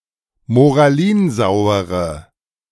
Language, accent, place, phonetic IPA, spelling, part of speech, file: German, Germany, Berlin, [moʁaˈliːnˌzaʊ̯əʁə], moralinsauere, adjective, De-moralinsauere.ogg
- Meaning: inflection of moralinsauer: 1. strong/mixed nominative/accusative feminine singular 2. strong nominative/accusative plural 3. weak nominative all-gender singular